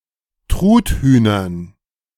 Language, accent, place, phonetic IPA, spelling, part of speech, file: German, Germany, Berlin, [ˈtʁutˌhyːnɐn], Truthühnern, noun, De-Truthühnern.ogg
- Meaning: dative plural of Truthuhn